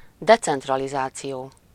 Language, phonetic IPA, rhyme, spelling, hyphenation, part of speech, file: Hungarian, [ˈdɛt͡sɛntrɒlizaːt͡sijoː], -joː, decentralizáció, de‧cent‧ra‧li‧zá‧ció, noun, Hu-decentralizáció.ogg
- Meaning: decentralization